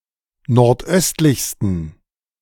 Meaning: 1. superlative degree of nordöstlich 2. inflection of nordöstlich: strong genitive masculine/neuter singular superlative degree
- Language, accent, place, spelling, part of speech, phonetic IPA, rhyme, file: German, Germany, Berlin, nordöstlichsten, adjective, [nɔʁtˈʔœstlɪçstn̩], -œstlɪçstn̩, De-nordöstlichsten.ogg